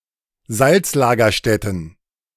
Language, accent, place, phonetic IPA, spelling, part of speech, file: German, Germany, Berlin, [ˈzalt͡slaɡɐˌʃtɛtn̩], Salzlagerstätten, noun, De-Salzlagerstätten.ogg
- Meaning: plural of Salzlagerstätte